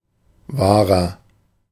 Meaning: 1. comparative degree of wahr 2. inflection of wahr: strong/mixed nominative masculine singular 3. inflection of wahr: strong genitive/dative feminine singular
- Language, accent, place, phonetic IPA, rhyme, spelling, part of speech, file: German, Germany, Berlin, [ˈvaːʁɐ], -aːʁɐ, wahrer, adjective, De-wahrer.ogg